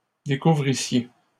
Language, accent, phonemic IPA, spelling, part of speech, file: French, Canada, /de.ku.vʁi.sje/, découvrissiez, verb, LL-Q150 (fra)-découvrissiez.wav
- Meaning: second-person plural imperfect subjunctive of découvrir